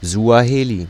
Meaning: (proper noun) Swahili (language); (noun) 1. Swahili speaker (male or of unspecified gender) 2. female Swahili speaker
- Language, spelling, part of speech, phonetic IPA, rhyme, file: German, Suaheli, noun, [zu̯aˈheːli], -eːli, De-Suaheli.ogg